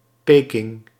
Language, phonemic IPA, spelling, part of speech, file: Dutch, /ˈpeːkɪŋ/, Peking, proper noun, Nl-Peking.ogg
- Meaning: Beijing, Peking (a direct-administered municipality, the capital city of China)